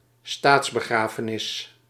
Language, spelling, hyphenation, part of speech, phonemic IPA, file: Dutch, staatsbegrafenis, staats‧be‧gra‧fe‧nis, noun, /ˈstaːts.bəˌɣraː.fə.nɪs/, Nl-staatsbegrafenis.ogg
- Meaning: state funeral